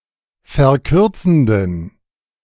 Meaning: inflection of verkürzend: 1. strong genitive masculine/neuter singular 2. weak/mixed genitive/dative all-gender singular 3. strong/weak/mixed accusative masculine singular 4. strong dative plural
- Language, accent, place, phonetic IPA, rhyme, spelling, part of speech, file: German, Germany, Berlin, [fɛɐ̯ˈkʏʁt͡sn̩dən], -ʏʁt͡sn̩dən, verkürzenden, adjective, De-verkürzenden.ogg